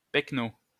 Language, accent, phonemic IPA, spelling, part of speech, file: French, France, /pɛk.no/, péquenaud, noun, LL-Q150 (fra)-péquenaud.wav
- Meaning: country bumpkin, yokel, hick